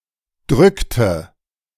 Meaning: inflection of drücken: 1. first/third-person singular preterite 2. first/third-person singular subjunctive II
- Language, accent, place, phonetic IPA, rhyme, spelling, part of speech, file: German, Germany, Berlin, [ˈdʁʏktə], -ʏktə, drückte, verb, De-drückte.ogg